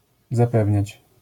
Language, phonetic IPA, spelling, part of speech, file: Polish, [zaˈpɛvʲɲät͡ɕ], zapewniać, verb, LL-Q809 (pol)-zapewniać.wav